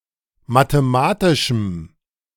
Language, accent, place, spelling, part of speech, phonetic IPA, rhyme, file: German, Germany, Berlin, mathematischem, adjective, [mateˈmaːtɪʃm̩], -aːtɪʃm̩, De-mathematischem.ogg
- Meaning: strong dative masculine/neuter singular of mathematisch